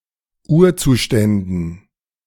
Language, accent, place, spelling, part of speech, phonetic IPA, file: German, Germany, Berlin, Urzuständen, noun, [ˈuːɐ̯ˌt͡suːʃtɛndn̩], De-Urzuständen.ogg
- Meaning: dative plural of Urzustand